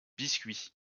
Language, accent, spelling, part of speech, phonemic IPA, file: French, France, biscuits, noun, /bis.kɥi/, LL-Q150 (fra)-biscuits.wav
- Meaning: plural of biscuit